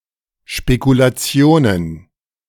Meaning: plural of Spekulation
- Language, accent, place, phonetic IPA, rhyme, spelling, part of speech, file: German, Germany, Berlin, [ʃpekulaˈt͡si̯oːnən], -oːnən, Spekulationen, noun, De-Spekulationen.ogg